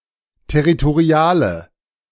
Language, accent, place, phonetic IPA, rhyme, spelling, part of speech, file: German, Germany, Berlin, [tɛʁitoˈʁi̯aːlə], -aːlə, territoriale, adjective, De-territoriale.ogg
- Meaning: inflection of territorial: 1. strong/mixed nominative/accusative feminine singular 2. strong nominative/accusative plural 3. weak nominative all-gender singular